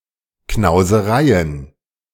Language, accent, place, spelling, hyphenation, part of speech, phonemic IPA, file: German, Germany, Berlin, Knausereien, Knau‧se‧rei‧en, noun, /knaʊ̯zəˈʁaɪ̯ən/, De-Knausereien.ogg
- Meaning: plural of Knauserei